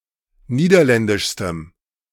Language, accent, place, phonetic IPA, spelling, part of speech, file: German, Germany, Berlin, [ˈniːdɐˌlɛndɪʃstəm], niederländischstem, adjective, De-niederländischstem.ogg
- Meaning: strong dative masculine/neuter singular superlative degree of niederländisch